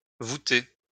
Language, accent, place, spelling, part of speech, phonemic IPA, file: French, France, Lyon, vouter, verb, /vu.te/, LL-Q150 (fra)-vouter.wav
- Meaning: post-1990 spelling of voûter